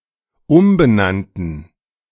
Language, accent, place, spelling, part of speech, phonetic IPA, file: German, Germany, Berlin, umbenannten, adjective, [ˈʊmbəˌnantn̩], De-umbenannten.ogg
- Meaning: first/third-person plural dependent preterite of umbenennen